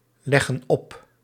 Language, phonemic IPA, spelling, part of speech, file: Dutch, /ˈlɛɣə(n) ˈɔp/, leggen op, verb, Nl-leggen op.ogg
- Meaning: inflection of opleggen: 1. plural present indicative 2. plural present subjunctive